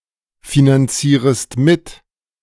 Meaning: second-person singular subjunctive I of mitfinanzieren
- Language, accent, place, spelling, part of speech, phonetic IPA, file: German, Germany, Berlin, finanzierest mit, verb, [finanˌt͡siːʁəst ˈmɪt], De-finanzierest mit.ogg